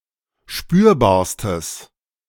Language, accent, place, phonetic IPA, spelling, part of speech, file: German, Germany, Berlin, [ˈʃpyːɐ̯baːɐ̯stəs], spürbarstes, adjective, De-spürbarstes.ogg
- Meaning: strong/mixed nominative/accusative neuter singular superlative degree of spürbar